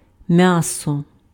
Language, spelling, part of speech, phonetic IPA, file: Ukrainian, м'ясо, noun, [ˈmjasɔ], Uk-м'ясо.ogg
- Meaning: 1. meat 2. flesh (especially muscle) 3. cannon fodder